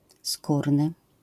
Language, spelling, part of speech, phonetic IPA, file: Polish, skórny, adjective, [ˈskurnɨ], LL-Q809 (pol)-skórny.wav